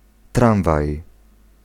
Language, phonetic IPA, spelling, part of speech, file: Polish, [ˈtrãw̃vaj], tramwaj, noun, Pl-tramwaj.ogg